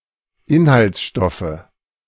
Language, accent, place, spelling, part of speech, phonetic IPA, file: German, Germany, Berlin, Inhaltsstoffe, noun, [ˈɪnhalt͡sˌʃtɔfə], De-Inhaltsstoffe.ogg
- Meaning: nominative/accusative/genitive plural of Inhaltsstoff